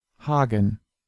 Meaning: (proper noun) 1. Hagen (an independent city in North Rhine-Westphalia, Germany) 2. a surname 3. a male given name; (noun) dative plural of Hag
- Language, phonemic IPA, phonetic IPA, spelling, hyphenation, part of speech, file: German, /ˈhaːɡən/, [ˈhaːɡŋ̩], Hagen, Ha‧gen, proper noun / noun, De-Hagen.ogg